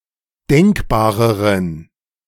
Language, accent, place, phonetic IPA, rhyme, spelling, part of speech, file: German, Germany, Berlin, [ˈdɛŋkbaːʁəʁən], -ɛŋkbaːʁəʁən, denkbareren, adjective, De-denkbareren.ogg
- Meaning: inflection of denkbar: 1. strong genitive masculine/neuter singular comparative degree 2. weak/mixed genitive/dative all-gender singular comparative degree